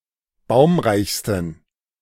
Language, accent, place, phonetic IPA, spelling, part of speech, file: German, Germany, Berlin, [ˈbaʊ̯mʁaɪ̯çstn̩], baumreichsten, adjective, De-baumreichsten.ogg
- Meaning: 1. superlative degree of baumreich 2. inflection of baumreich: strong genitive masculine/neuter singular superlative degree